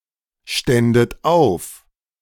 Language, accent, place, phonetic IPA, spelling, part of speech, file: German, Germany, Berlin, [ˌʃtɛndət ˈaʊ̯f], ständet auf, verb, De-ständet auf.ogg
- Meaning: second-person plural subjunctive II of aufstehen